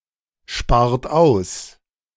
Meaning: inflection of aussparen: 1. second-person plural present 2. third-person singular present 3. plural imperative
- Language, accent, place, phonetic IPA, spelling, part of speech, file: German, Germany, Berlin, [ˌʃpaːɐ̯t ˈaʊ̯s], spart aus, verb, De-spart aus.ogg